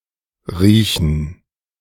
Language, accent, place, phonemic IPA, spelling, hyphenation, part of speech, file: German, Germany, Berlin, /ˈʁiːçən/, riechen, rie‧chen, verb, De-riechen2.ogg
- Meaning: 1. to smell (something); to sniff (something) 2. to use the sense of smell; to detect a smell 3. to smell something 4. to reek; to smell bad 5. to smell 6. to tolerate (someone); to stand (someone)